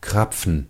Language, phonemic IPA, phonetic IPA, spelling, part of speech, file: German, /ˈkʁapfən/, [ˈkʁ̥ap͡fɱ̩], Krapfen, noun, De-Krapfen.ogg
- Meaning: 1. fritter 2. ellipsoidal filled doughnut, cruller